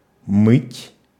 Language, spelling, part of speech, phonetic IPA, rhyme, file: Russian, мыть, verb, [mɨtʲ], -ɨtʲ, Ru-мыть.ogg
- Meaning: to wash